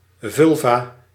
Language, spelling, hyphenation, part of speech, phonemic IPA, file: Dutch, vulva, vul‧va, noun, /ˈvʏl.vaː/, Nl-vulva.ogg
- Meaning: vulva